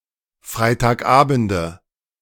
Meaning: nominative/accusative/genitive plural of Freitagabend
- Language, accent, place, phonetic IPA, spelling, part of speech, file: German, Germany, Berlin, [ˌfʁaɪ̯taːkˈʔaːbn̩də], Freitagabende, noun, De-Freitagabende.ogg